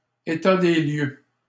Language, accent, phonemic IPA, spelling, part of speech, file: French, Canada, /e.ta de ljø/, état des lieux, noun, LL-Q150 (fra)-état des lieux.wav
- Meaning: 1. inventory of fixtures, schedule of fixtures (inspection of the condition of an apartment) 2. assessment of the situation; state of play